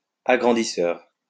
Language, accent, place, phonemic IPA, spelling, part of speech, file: French, France, Lyon, /a.ɡʁɑ̃.di.sœʁ/, agrandisseur, noun, LL-Q150 (fra)-agrandisseur.wav
- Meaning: enlarger